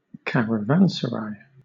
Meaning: A roadside inn, usually having a central courtyard where caravans (see sense 3) can rest, providing accommodation for travellers along trade routes in Asia and North Africa
- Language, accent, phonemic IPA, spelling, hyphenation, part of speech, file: English, Southern England, /ˌkæɹəˈvænsəɹaɪ/, caravanserai, ca‧ra‧van‧ser‧ai, noun, LL-Q1860 (eng)-caravanserai.wav